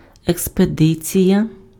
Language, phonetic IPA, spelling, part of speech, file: Ukrainian, [ekspeˈdɪt͡sʲijɐ], експедиція, noun, Uk-експедиція.ogg
- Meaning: expedition